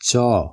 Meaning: The eighteenth character in the Odia abugida
- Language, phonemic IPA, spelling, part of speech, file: Odia, /t͡ʃɔ/, ଚ, character, Or-ଚ.flac